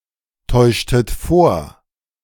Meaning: inflection of vortäuschen: 1. second-person plural preterite 2. second-person plural subjunctive II
- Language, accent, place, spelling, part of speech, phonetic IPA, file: German, Germany, Berlin, täuschtet vor, verb, [ˌtɔɪ̯ʃtət ˈfoːɐ̯], De-täuschtet vor.ogg